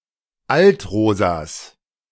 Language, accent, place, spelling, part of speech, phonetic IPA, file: German, Germany, Berlin, Altrosas, noun, [ˈaltˌʁoːzas], De-Altrosas.ogg
- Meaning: 1. genitive singular of Altrosa 2. plural of Altrosa